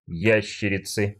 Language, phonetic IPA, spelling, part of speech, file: Russian, [ˈjæɕːɪrʲɪt͡sɨ], ящерицы, noun, Ru-ящерицы.ogg
- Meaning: inflection of я́щерица (jáščerica): 1. genitive singular 2. nominative plural